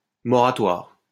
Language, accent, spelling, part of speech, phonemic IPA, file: French, France, moratoire, noun, /mɔ.ʁa.twaʁ/, LL-Q150 (fra)-moratoire.wav
- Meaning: moratorium (suspension of an ongoing activity)